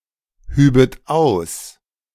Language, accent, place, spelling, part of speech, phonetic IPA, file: German, Germany, Berlin, hübet aus, verb, [ˌhyːbət ˈaʊ̯s], De-hübet aus.ogg
- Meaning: second-person plural subjunctive II of ausheben